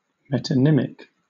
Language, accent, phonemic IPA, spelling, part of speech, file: English, Southern England, /ˌmɛt.əˈnɪm.ɪk/, metonymic, adjective / noun, LL-Q1860 (eng)-metonymic.wav
- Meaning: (adjective) Of, or relating to, a word or phrase that names an object from a single characteristic of it or of a closely related object; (noun) Synonym of metonym, an instance of metonymy